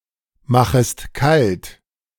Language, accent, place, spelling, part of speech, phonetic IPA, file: German, Germany, Berlin, machest kalt, verb, [ˌmaxəst ˈkalt], De-machest kalt.ogg
- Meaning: second-person singular subjunctive I of kaltmachen